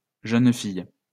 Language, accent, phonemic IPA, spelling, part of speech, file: French, France, /ʒœn fij/, jeune fille, noun, LL-Q150 (fra)-jeune fille.wav
- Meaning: a girl; a maiden (unmarried woman/girl)